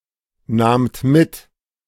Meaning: second-person plural preterite of mitnehmen
- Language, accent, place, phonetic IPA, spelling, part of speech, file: German, Germany, Berlin, [ˌnaːmt ˈmɪt], nahmt mit, verb, De-nahmt mit.ogg